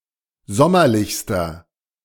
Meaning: inflection of sommerlich: 1. strong/mixed nominative masculine singular superlative degree 2. strong genitive/dative feminine singular superlative degree 3. strong genitive plural superlative degree
- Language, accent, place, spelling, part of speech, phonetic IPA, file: German, Germany, Berlin, sommerlichster, adjective, [ˈzɔmɐlɪçstɐ], De-sommerlichster.ogg